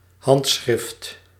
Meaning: 1. handwriting 2. manuscript 3. autograph, signature
- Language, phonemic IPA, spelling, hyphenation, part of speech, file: Dutch, /ˈɦɑnt.sxrɪft/, handschrift, hand‧schrift, noun, Nl-handschrift.ogg